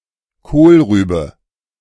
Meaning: 1. rutabaga, swede 2. kohlrabi
- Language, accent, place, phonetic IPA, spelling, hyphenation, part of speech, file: German, Germany, Berlin, [ˈkoːlˌʁyː.bə], Kohlrübe, Kohl‧rü‧be, noun, De-Kohlrübe.ogg